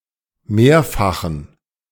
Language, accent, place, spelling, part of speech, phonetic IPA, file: German, Germany, Berlin, mehrfachen, adjective, [ˈmeːɐ̯faxn̩], De-mehrfachen.ogg
- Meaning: inflection of mehrfach: 1. strong genitive masculine/neuter singular 2. weak/mixed genitive/dative all-gender singular 3. strong/weak/mixed accusative masculine singular 4. strong dative plural